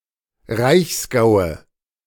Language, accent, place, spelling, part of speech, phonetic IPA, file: German, Germany, Berlin, Reichsgaue, noun, [ˈʁaɪ̯çsˌɡaʊ̯ə], De-Reichsgaue.ogg
- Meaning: nominative/accusative/genitive plural of Reichsgau